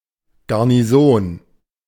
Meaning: 1. garrison (permanent military post) 2. garrison (troops stationed at such a post)
- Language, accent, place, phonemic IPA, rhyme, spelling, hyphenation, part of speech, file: German, Germany, Berlin, /ɡaʁniˈzoːn/, -oːn, Garnison, Gar‧ni‧son, noun, De-Garnison.ogg